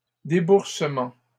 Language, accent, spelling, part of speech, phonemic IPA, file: French, Canada, déboursements, noun, /de.buʁ.sə.mɑ̃/, LL-Q150 (fra)-déboursements.wav
- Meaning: plural of déboursement